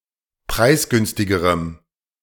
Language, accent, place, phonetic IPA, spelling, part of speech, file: German, Germany, Berlin, [ˈpʁaɪ̯sˌɡʏnstɪɡəʁəm], preisgünstigerem, adjective, De-preisgünstigerem.ogg
- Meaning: strong dative masculine/neuter singular comparative degree of preisgünstig